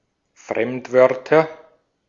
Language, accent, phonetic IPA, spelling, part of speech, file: German, Austria, [ˈfʁɛmtˌvœʁtɐ], Fremdwörter, noun, De-at-Fremdwörter.ogg
- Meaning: nominative/accusative/genitive plural of Fremdwort